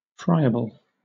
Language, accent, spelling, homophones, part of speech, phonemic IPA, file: English, Southern England, friable, fryable, adjective, /ˈfɹaɪəbl̩/, LL-Q1860 (eng)-friable.wav
- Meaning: 1. Easily broken into small fragments, crumbled, or reduced to powder 2. Of soil, loose and large-grained in consistency